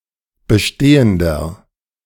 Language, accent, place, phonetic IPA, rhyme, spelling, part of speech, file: German, Germany, Berlin, [bəˈʃteːəndɐ], -eːəndɐ, bestehender, adjective, De-bestehender.ogg
- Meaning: inflection of bestehend: 1. strong/mixed nominative masculine singular 2. strong genitive/dative feminine singular 3. strong genitive plural